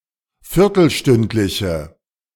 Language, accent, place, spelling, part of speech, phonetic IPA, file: German, Germany, Berlin, viertelstündliche, adjective, [ˈfɪʁtl̩ˌʃtʏntlɪçə], De-viertelstündliche.ogg
- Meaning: inflection of viertelstündlich: 1. strong/mixed nominative/accusative feminine singular 2. strong nominative/accusative plural 3. weak nominative all-gender singular